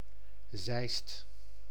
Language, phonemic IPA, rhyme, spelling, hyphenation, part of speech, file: Dutch, /ˈzɛi̯st/, -ɛi̯st, Zeist, Zeist, proper noun, Nl-Zeist.ogg
- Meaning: a town and municipality of Utrecht, Netherlands